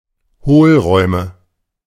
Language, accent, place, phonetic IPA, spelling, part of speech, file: German, Germany, Berlin, [ˈhoːlˌʁɔɪ̯mə], Hohlräume, noun, De-Hohlräume.ogg
- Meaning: nominative/accusative/genitive plural of Hohlraum